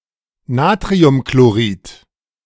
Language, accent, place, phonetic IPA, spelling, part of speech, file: German, Germany, Berlin, [ˈnaːtʁiʊmkloˌʁiːt], Natriumchlorid, noun, De-Natriumchlorid.ogg
- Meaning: sodium chloride